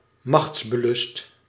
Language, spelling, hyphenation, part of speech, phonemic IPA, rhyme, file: Dutch, machtsbelust, machts‧be‧lust, adjective, /ˌmɑxts.bəˈlʏst/, -ʏst, Nl-machtsbelust.ogg
- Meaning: power-hungry, craving power